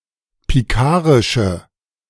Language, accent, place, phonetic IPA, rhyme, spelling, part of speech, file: German, Germany, Berlin, [piˈkaːʁɪʃə], -aːʁɪʃə, pikarische, adjective, De-pikarische.ogg
- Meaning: inflection of pikarisch: 1. strong/mixed nominative/accusative feminine singular 2. strong nominative/accusative plural 3. weak nominative all-gender singular